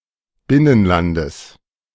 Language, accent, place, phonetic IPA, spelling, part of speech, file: German, Germany, Berlin, [ˈbɪnənˌlandəs], Binnenlandes, noun, De-Binnenlandes.ogg
- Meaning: genitive singular of Binnenland